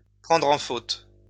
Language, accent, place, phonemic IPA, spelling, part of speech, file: French, France, Lyon, /pʁɑ̃.dʁ‿ɑ̃ fot/, prendre en faute, verb, LL-Q150 (fra)-prendre en faute.wav
- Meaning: to catch in the act, to catch red-handed